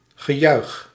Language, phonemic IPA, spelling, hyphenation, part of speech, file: Dutch, /ɣəˈjœyx/, gejuich, ge‧juich, noun, Nl-gejuich.ogg
- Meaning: acclamation, applause